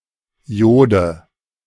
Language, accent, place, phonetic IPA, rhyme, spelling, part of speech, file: German, Germany, Berlin, [ˈjoːdə], -oːdə, Jode, noun, De-Jode.ogg
- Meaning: dative singular of Jod